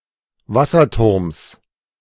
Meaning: genitive of Wasserturm
- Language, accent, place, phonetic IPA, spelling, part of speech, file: German, Germany, Berlin, [ˈvasɐˌtʊʁms], Wasserturms, noun, De-Wasserturms.ogg